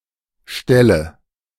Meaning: nominative/accusative/genitive plural of Stall
- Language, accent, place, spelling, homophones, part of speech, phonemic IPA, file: German, Germany, Berlin, Ställe, stelle / Stelle, noun, /ˈʃtɛlə/, De-Ställe.ogg